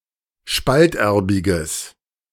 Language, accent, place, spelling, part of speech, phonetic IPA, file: German, Germany, Berlin, spalterbiges, adjective, [ˈʃpaltˌʔɛʁbɪɡəs], De-spalterbiges.ogg
- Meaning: strong/mixed nominative/accusative neuter singular of spalterbig